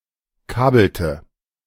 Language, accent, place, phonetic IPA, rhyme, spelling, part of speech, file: German, Germany, Berlin, [ˈkaːbl̩tə], -aːbl̩tə, kabelte, verb, De-kabelte.ogg
- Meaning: inflection of kabeln: 1. first/third-person singular preterite 2. first/third-person singular subjunctive II